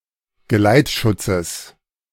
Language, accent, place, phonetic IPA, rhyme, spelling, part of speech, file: German, Germany, Berlin, [ɡəˈlaɪ̯tˌʃʊt͡səs], -aɪ̯tʃʊt͡səs, Geleitschutzes, noun, De-Geleitschutzes.ogg
- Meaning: genitive of Geleitschutz